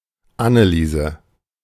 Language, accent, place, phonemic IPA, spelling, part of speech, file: German, Germany, Berlin, /ˈʔanəˌliːzə/, Anneliese, proper noun, De-Anneliese.ogg
- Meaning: a female given name, blend of Anna and Elisabeth